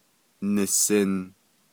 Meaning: 1. first-person singular imperfective of nízin: "I think" 2. first-person singular imperfective of yinízin: "I want (something)"
- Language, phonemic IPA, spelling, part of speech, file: Navajo, /nɪ̀sɪ̀n/, nisin, verb, Nv-nisin.ogg